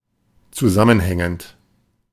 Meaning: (verb) present participle of zusammenhängen; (adjective) 1. coherent 2. cohesive 3. related, connected, interrelated 4. contiguous, continuous 5. connected
- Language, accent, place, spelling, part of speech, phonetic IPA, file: German, Germany, Berlin, zusammenhängend, adjective / verb, [t͡suˈzamənˌhɛŋənt], De-zusammenhängend.ogg